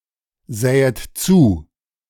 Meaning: second-person plural subjunctive II of zusehen
- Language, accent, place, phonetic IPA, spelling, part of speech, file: German, Germany, Berlin, [ˌzɛːət ˈt͡suː], sähet zu, verb, De-sähet zu.ogg